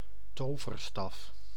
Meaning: magic wand, stick or staff used to perform magic
- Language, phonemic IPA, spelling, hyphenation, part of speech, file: Dutch, /ˈtoː.vərˌstɑf/, toverstaf, to‧ver‧staf, noun, Nl-toverstaf.ogg